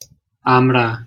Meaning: hog plum (Spondias pinnata, syn. S. mangifera)
- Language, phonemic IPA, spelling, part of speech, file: Bengali, /amɽa/, আমড়া, noun, Bn-আমড়া.ogg